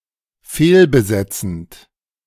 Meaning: present participle of fehlbesetzen
- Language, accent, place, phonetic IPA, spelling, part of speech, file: German, Germany, Berlin, [ˈfeːlbəˌzɛt͡sn̩t], fehlbesetzend, verb, De-fehlbesetzend.ogg